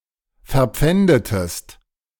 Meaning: inflection of verpfänden: 1. second-person singular preterite 2. second-person singular subjunctive II
- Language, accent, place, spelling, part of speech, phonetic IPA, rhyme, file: German, Germany, Berlin, verpfändetest, verb, [fɛɐ̯ˈp͡fɛndətəst], -ɛndətəst, De-verpfändetest.ogg